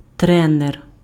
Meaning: trainer, driller, coach
- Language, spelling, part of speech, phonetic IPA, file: Ukrainian, тренер, noun, [ˈtrɛner], Uk-тренер.ogg